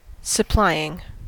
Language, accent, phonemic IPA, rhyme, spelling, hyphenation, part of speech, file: English, US, /səˈplaɪ.ɪŋ/, -aɪɪŋ, supplying, sup‧ply‧ing, verb, En-us-supplying.ogg
- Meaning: present participle and gerund of supply